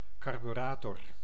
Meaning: carburetor, carburettor
- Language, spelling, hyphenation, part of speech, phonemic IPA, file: Dutch, carburator, car‧bu‧ra‧tor, noun, /kɑr.byˈraː.tɔr/, Nl-carburator.ogg